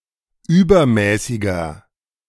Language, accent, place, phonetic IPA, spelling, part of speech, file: German, Germany, Berlin, [ˈyːbɐˌmɛːsɪɡɐ], übermäßiger, adjective, De-übermäßiger.ogg
- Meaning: inflection of übermäßig: 1. strong/mixed nominative masculine singular 2. strong genitive/dative feminine singular 3. strong genitive plural